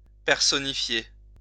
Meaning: to personify
- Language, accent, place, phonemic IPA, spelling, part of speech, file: French, France, Lyon, /pɛʁ.sɔ.ni.fje/, personnifier, verb, LL-Q150 (fra)-personnifier.wav